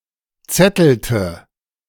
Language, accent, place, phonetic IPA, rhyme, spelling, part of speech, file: German, Germany, Berlin, [ˈt͡sɛtl̩tə], -ɛtl̩tə, zettelte, verb, De-zettelte.ogg
- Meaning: inflection of zetteln: 1. first/third-person singular preterite 2. first/third-person singular subjunctive II